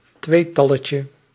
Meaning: diminutive of tweetal
- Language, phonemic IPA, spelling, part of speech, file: Dutch, /ˈtwetɑləcə/, tweetalletje, noun, Nl-tweetalletje.ogg